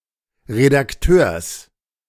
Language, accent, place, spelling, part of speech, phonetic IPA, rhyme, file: German, Germany, Berlin, Redakteurs, noun, [ʁedakˈtøːɐ̯s], -øːɐ̯s, De-Redakteurs.ogg
- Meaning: genitive singular of Redakteur